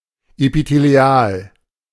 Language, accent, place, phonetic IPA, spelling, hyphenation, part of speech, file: German, Germany, Berlin, [epiteːlˈi̯aːl], epithelial, epi‧the‧li‧al, adjective, De-epithelial.ogg
- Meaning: epithelial